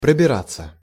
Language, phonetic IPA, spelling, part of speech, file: Russian, [prəbʲɪˈrat͡sːə], пробираться, verb, Ru-пробираться.ogg
- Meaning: to make one's way, to thread one's way, to pick one's way, to edge through